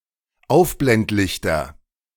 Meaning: nominative/accusative/genitive plural of Aufblendlicht
- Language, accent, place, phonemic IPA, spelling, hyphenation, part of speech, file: German, Germany, Berlin, /ˈaʊ̯fblɛntˌlɪçtɐ/, Aufblendlichter, Auf‧blend‧lich‧ter, noun, De-Aufblendlichter.ogg